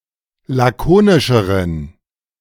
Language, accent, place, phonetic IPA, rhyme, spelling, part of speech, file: German, Germany, Berlin, [ˌlaˈkoːnɪʃəʁən], -oːnɪʃəʁən, lakonischeren, adjective, De-lakonischeren.ogg
- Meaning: inflection of lakonisch: 1. strong genitive masculine/neuter singular comparative degree 2. weak/mixed genitive/dative all-gender singular comparative degree